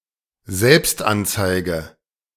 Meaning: A report to the authorities about a breach of law committed by oneself, especially to the tax authorities about a false or incomplete tax return
- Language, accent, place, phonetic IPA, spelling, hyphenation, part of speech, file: German, Germany, Berlin, [ˈzɛlpstʔantsaɪ̯ɡə], Selbstanzeige, Selbst‧an‧zei‧ge, noun, De-Selbstanzeige.ogg